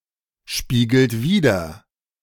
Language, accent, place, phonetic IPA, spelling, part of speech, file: German, Germany, Berlin, [ˌʃpiːɡl̩t ˈviːdɐ], spiegelt wider, verb, De-spiegelt wider.ogg
- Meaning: inflection of widerspiegeln: 1. second-person plural present 2. third-person singular present 3. plural imperative